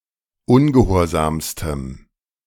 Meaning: strong dative masculine/neuter singular superlative degree of ungehorsam
- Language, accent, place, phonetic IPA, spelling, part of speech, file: German, Germany, Berlin, [ˈʊnɡəˌhoːɐ̯zaːmstəm], ungehorsamstem, adjective, De-ungehorsamstem.ogg